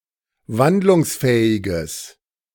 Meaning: strong/mixed nominative/accusative neuter singular of wandlungsfähig
- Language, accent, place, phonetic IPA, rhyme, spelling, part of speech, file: German, Germany, Berlin, [ˈvandlʊŋsˌfɛːɪɡəs], -andlʊŋsfɛːɪɡəs, wandlungsfähiges, adjective, De-wandlungsfähiges.ogg